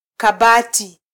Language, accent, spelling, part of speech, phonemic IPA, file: Swahili, Kenya, kabati, noun, /kɑˈɓɑ.ti/, Sw-ke-kabati.flac
- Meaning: cupboard (enclosed storage)